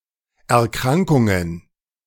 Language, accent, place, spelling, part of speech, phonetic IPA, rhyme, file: German, Germany, Berlin, Erkrankungen, noun, [ɛɐ̯ˈkʁaŋkʊŋən], -aŋkʊŋən, De-Erkrankungen.ogg
- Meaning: plural of Erkrankung